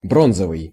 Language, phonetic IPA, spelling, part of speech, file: Russian, [ˈbronzəvɨj], бронзовый, adjective, Ru-бронзовый.ogg
- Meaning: bronze